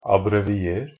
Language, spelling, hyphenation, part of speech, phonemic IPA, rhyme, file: Norwegian Bokmål, abbrevier, ab‧bre‧vi‧er, verb, /abrɛʋɪˈeːr/, -eːr, NB - Pronunciation of Norwegian Bokmål «abbrevier».ogg
- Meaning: imperative form of abbreviere